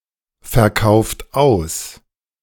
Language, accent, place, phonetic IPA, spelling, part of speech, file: German, Germany, Berlin, [fɛɐ̯ˌkaʊ̯ft ˈaʊ̯s], verkauft aus, verb, De-verkauft aus.ogg
- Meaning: inflection of ausverkaufen: 1. second-person plural present 2. third-person singular present 3. plural imperative